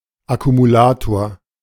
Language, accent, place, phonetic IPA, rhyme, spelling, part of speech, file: German, Germany, Berlin, [akumuˈlaːtoːɐ̯], -aːtoːɐ̯, Akkumulator, noun, De-Akkumulator.ogg
- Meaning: accumulator (battery)